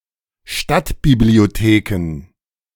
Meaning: plural of Stadtbibliothek
- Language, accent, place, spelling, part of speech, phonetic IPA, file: German, Germany, Berlin, Stadtbibliotheken, noun, [ˈʃtatbiblioˌteːkn̩], De-Stadtbibliotheken.ogg